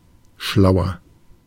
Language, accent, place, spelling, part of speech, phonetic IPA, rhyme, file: German, Germany, Berlin, schlauer, adjective, [ˈʃlaʊ̯ɐ], -aʊ̯ɐ, De-schlauer.ogg
- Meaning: 1. comparative degree of schlau 2. inflection of schlau: strong/mixed nominative masculine singular 3. inflection of schlau: strong genitive/dative feminine singular